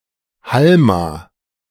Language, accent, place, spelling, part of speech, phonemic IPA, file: German, Germany, Berlin, Halma, noun, /ˈhalma/, De-Halma.ogg
- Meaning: 1. halma (board game) 2. Chinese checkers (board game)